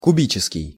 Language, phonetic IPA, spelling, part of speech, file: Russian, [kʊˈbʲit͡ɕɪskʲɪj], кубический, adjective, Ru-кубический.ogg
- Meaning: 1. cubic 2. cube